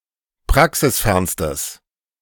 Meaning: strong/mixed nominative/accusative neuter singular superlative degree of praxisfern
- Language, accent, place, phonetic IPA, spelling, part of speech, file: German, Germany, Berlin, [ˈpʁaksɪsˌfɛʁnstəs], praxisfernstes, adjective, De-praxisfernstes.ogg